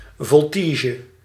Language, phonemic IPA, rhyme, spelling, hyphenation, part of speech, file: Dutch, /ˌvɔlˈtiː.ʒə/, -iːʒə, voltige, vol‧ti‧ge, noun, Nl-voltige.ogg
- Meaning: equestrian vaulting